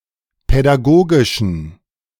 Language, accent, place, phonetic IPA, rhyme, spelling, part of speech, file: German, Germany, Berlin, [pɛdaˈɡoːɡɪʃn̩], -oːɡɪʃn̩, pädagogischen, adjective, De-pädagogischen.ogg
- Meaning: inflection of pädagogisch: 1. strong genitive masculine/neuter singular 2. weak/mixed genitive/dative all-gender singular 3. strong/weak/mixed accusative masculine singular 4. strong dative plural